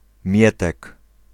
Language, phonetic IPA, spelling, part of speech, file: Polish, [ˈmʲjɛtɛk], Mietek, proper noun, Pl-Mietek.ogg